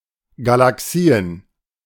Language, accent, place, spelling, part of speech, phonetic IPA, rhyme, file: German, Germany, Berlin, Galaxien, noun, [ɡalaˈksiːən], -iːən, De-Galaxien.ogg
- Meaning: plural of Galaxie